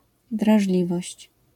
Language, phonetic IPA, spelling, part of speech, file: Polish, [draʒˈlʲivɔɕt͡ɕ], drażliwość, noun, LL-Q809 (pol)-drażliwość.wav